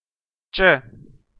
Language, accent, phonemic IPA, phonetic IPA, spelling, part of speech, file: Armenian, Eastern Armenian, /t͡ʃə/, [t͡ʃə], ճ, character, Hy-EA-ճ.ogg
- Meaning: The 19th letter of Armenian alphabet, called ճե (če). Transliterated as č